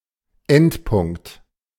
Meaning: endpoint
- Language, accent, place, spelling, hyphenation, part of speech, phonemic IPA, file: German, Germany, Berlin, Endpunkt, End‧punkt, noun, /ˈɛntˌpʊŋkt/, De-Endpunkt.ogg